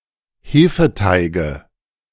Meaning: nominative/accusative/genitive plural of Hefeteig
- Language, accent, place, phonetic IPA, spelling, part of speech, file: German, Germany, Berlin, [ˈheːfəˌtaɪ̯ɡə], Hefeteige, noun, De-Hefeteige.ogg